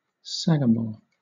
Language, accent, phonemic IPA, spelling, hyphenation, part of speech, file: English, Southern England, /ˈsæɡəmɔː/, sagamore, sa‧ga‧more, noun, LL-Q1860 (eng)-sagamore.wav
- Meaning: Synonym of sachem.: 1. A chief of one or several Native American tribe(s), especially of the Algonquians 2. An eminent member of a group, or an eminent person in society